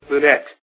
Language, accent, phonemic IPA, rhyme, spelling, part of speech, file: English, US, /luːˈnɛt/, -ɛt, lunette, noun, En-us-lunette.ogg
- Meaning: 1. A small opening in a vaulted roof of a circular or crescent shape 2. A crescent-shaped recess or void in the space above a window or door 3. An image or other representation of a crescent moon